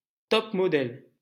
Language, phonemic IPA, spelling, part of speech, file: French, /tɔp.mɔ.dɛl/, top-modèle, noun, LL-Q150 (fra)-top-modèle.wav
- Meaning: supermodel